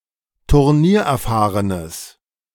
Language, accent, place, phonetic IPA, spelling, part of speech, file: German, Germany, Berlin, [tʊʁˈniːɐ̯ʔɛɐ̯ˌfaːʁənəs], turniererfahrenes, adjective, De-turniererfahrenes.ogg
- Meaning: strong/mixed nominative/accusative neuter singular of turniererfahren